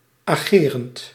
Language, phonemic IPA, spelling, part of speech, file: Dutch, /aˈɣerənt/, agerend, verb, Nl-agerend.ogg
- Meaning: present participle of ageren